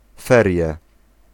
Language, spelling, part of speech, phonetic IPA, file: Polish, ferie, noun, [ˈfɛrʲjɛ], Pl-ferie.ogg